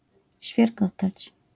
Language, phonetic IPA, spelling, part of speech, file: Polish, [ɕfʲjɛrˈɡɔtat͡ɕ], świergotać, verb, LL-Q809 (pol)-świergotać.wav